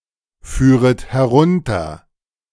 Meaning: second-person plural subjunctive I of herunterfahren
- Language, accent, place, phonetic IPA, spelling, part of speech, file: German, Germany, Berlin, [ˌfyːʁət hɛˈʁʊntɐ], führet herunter, verb, De-führet herunter.ogg